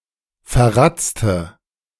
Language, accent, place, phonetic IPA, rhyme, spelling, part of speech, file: German, Germany, Berlin, [fɛɐ̯ˈʁat͡stə], -at͡stə, verratzte, adjective, De-verratzte.ogg
- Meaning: inflection of verratzt: 1. strong/mixed nominative/accusative feminine singular 2. strong nominative/accusative plural 3. weak nominative all-gender singular